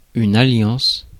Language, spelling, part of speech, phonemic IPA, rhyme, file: French, alliance, noun, /a.ljɑ̃s/, -ɑ̃s, Fr-alliance.ogg
- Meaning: 1. alliance, union 2. wedding ring